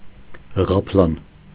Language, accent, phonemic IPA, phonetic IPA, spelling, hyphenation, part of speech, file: Armenian, Eastern Armenian, /ʁɑpʰˈlɑn/, [ʁɑpʰlɑ́n], ղափլան, ղափ‧լան, noun, Hy-ղափլան.ogg
- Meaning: tiger